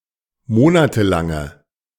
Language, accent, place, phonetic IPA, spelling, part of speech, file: German, Germany, Berlin, [ˈmoːnatəˌlaŋə], monatelange, adjective, De-monatelange.ogg
- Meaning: inflection of monatelang: 1. strong/mixed nominative/accusative feminine singular 2. strong nominative/accusative plural 3. weak nominative all-gender singular